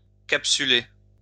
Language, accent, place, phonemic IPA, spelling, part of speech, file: French, France, Lyon, /kap.sy.le/, capsuler, verb, LL-Q150 (fra)-capsuler.wav
- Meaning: to capsule; to encapsule